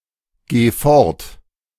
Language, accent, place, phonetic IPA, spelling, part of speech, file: German, Germany, Berlin, [ˌɡeː ˈfɔʁt], geh fort, verb, De-geh fort.ogg
- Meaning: singular imperative of fortgehen